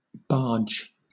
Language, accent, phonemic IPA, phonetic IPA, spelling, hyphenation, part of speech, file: English, Southern England, /ˈbɑːd͡ʒ/, [ˈbɑːd͡ʒ], barge, barge, noun / verb, LL-Q1860 (eng)-barge.wav
- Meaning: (noun) A large flat-bottomed towed or self-propelled boat used mainly for river and canal transport of heavy goods or bulk cargo